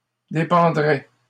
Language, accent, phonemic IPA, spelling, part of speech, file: French, Canada, /de.pɑ̃.dʁɛ/, dépendraient, verb, LL-Q150 (fra)-dépendraient.wav
- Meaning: third-person plural conditional of dépendre